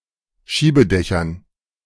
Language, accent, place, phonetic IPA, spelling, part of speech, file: German, Germany, Berlin, [ˈʃiːbəˌdɛçɐn], Schiebedächern, noun, De-Schiebedächern.ogg
- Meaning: dative plural of Schiebedach